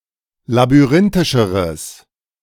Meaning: strong/mixed nominative/accusative neuter singular comparative degree of labyrinthisch
- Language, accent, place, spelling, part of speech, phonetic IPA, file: German, Germany, Berlin, labyrinthischeres, adjective, [labyˈʁɪntɪʃəʁəs], De-labyrinthischeres.ogg